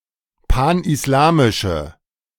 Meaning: inflection of panislamisch: 1. strong/mixed nominative/accusative feminine singular 2. strong nominative/accusative plural 3. weak nominative all-gender singular
- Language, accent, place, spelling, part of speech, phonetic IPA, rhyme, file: German, Germany, Berlin, panislamische, adjective, [ˌpanʔɪsˈlaːmɪʃə], -aːmɪʃə, De-panislamische.ogg